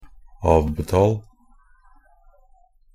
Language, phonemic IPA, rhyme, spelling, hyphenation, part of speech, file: Norwegian Bokmål, /ˈɑːʋbɛtɑːl/, -ɑːl, avbetal, av‧be‧tal, verb, Nb-avbetal.ogg
- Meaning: imperative of avbetale